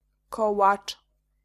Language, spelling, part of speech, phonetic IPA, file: Polish, kołacz, noun, [ˈkɔwat͡ʃ], Pl-kołacz.ogg